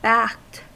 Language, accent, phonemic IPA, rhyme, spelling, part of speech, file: English, US, /bækt/, -ækt, backed, verb / adjective, En-us-backed.ogg
- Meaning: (verb) simple past and past participle of back; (adjective) 1. Put on one's back; killed; rendered dead 2. Having specified type of back 3. Having specified type of backing